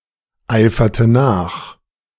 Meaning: inflection of nacheifern: 1. first/third-person singular preterite 2. first/third-person singular subjunctive II
- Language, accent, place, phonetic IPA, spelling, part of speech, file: German, Germany, Berlin, [ˌaɪ̯fɐtə ˈnaːx], eiferte nach, verb, De-eiferte nach.ogg